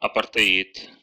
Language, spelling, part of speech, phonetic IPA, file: Russian, апартеид, noun, [ɐpərtɨˈit], Ru-апартеи́д.ogg
- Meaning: apartheid (policy of racial separation in South Africa)